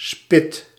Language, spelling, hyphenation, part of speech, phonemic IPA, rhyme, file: Dutch, spit, spit, noun, /spɪt/, -ɪt, Nl-spit.ogg
- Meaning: a skewer